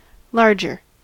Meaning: comparative form of large: more large
- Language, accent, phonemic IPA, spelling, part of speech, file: English, US, /ˈlɑɹ.d͡ʒɚ/, larger, adjective, En-us-larger.ogg